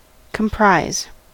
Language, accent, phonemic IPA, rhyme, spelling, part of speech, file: English, US, /kəmˈpɹaɪz/, -aɪz, comprise, verb, En-us-comprise.ogg
- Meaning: 1. To be made up of; to consist of (especially a comprehensive list of parts) 2. To compose; to constitute